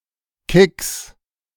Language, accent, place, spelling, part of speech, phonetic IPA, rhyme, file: German, Germany, Berlin, Kicks, noun, [kɪks], -ɪks, De-Kicks.ogg
- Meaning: 1. genitive singular of Kick 2. plural of Kick